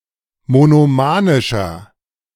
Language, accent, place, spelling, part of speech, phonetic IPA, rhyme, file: German, Germany, Berlin, monomanischer, adjective, [monoˈmaːnɪʃɐ], -aːnɪʃɐ, De-monomanischer.ogg
- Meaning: inflection of monomanisch: 1. strong/mixed nominative masculine singular 2. strong genitive/dative feminine singular 3. strong genitive plural